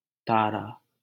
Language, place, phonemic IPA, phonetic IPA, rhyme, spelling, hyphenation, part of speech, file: Hindi, Delhi, /t̪ɑː.ɾɑː/, [t̪äː.ɾäː], -ɑː, तारा, ता‧रा, noun, LL-Q1568 (hin)-तारा.wav
- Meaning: 1. star 2. asterisk 3. pupil (of the eye) 4. fate, destiny (that is influenced by a planet) 5. something that appears small due to the distance 6. a star; dear